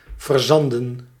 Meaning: 1. to clog with sand 2. to cover with sand 3. to become stuck, to bog down
- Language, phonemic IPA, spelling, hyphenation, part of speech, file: Dutch, /vərˈzɑn.də(n)/, verzanden, ver‧zan‧den, verb, Nl-verzanden.ogg